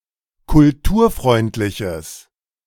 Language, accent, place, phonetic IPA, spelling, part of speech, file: German, Germany, Berlin, [kʊlˈtuːɐ̯ˌfʁɔɪ̯ntlɪçəs], kulturfreundliches, adjective, De-kulturfreundliches.ogg
- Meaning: strong/mixed nominative/accusative neuter singular of kulturfreundlich